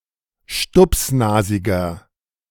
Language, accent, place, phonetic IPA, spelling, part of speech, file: German, Germany, Berlin, [ˈʃtʊpsˌnaːzɪɡɐ], stupsnasiger, adjective, De-stupsnasiger.ogg
- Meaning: 1. comparative degree of stupsnasig 2. inflection of stupsnasig: strong/mixed nominative masculine singular 3. inflection of stupsnasig: strong genitive/dative feminine singular